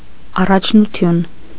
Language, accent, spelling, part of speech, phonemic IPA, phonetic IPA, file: Armenian, Eastern Armenian, առաջնություն, noun, /ɑrɑt͡ʃʰnuˈtʰjun/, [ɑrɑt͡ʃʰnut͡sʰjún], Hy-առաջնություն.ogg
- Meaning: 1. priority, primacy (first place) 2. championship